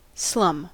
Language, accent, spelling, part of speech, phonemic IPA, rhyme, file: English, US, slum, noun / verb, /slʌm/, -ʌm, En-us-slum.ogg
- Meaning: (noun) 1. A dilapidated neighborhood where many people live in a state of poverty 2. Inexpensive trinkets awarded as prizes in a carnival game